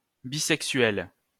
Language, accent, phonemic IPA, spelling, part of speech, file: French, France, /bi.sɛk.sɥɛl/, bisexuelle, adjective, LL-Q150 (fra)-bisexuelle.wav
- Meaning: feminine singular of bisexuel